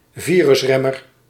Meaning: antiviral medication
- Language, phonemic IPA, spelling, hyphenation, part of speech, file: Dutch, /ˈviː.rʏsˌrɛ.mər/, virusremmer, vi‧rus‧rem‧mer, noun, Nl-virusremmer.ogg